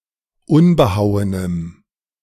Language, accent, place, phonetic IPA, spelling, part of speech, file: German, Germany, Berlin, [ˈʊnbəˌhaʊ̯ənəm], unbehauenem, adjective, De-unbehauenem.ogg
- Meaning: strong dative masculine/neuter singular of unbehauen